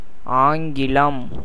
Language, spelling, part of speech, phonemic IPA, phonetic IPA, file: Tamil, ஆங்கிலம், proper noun, /ɑːŋɡɪlɐm/, [äːŋɡɪlɐm], Ta-ஆங்கிலம்.ogg
- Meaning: English language